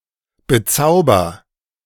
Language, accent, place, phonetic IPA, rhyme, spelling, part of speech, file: German, Germany, Berlin, [bəˈt͡saʊ̯bɐ], -aʊ̯bɐ, bezauber, verb, De-bezauber.ogg
- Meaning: inflection of bezaubern: 1. first-person singular present 2. singular imperative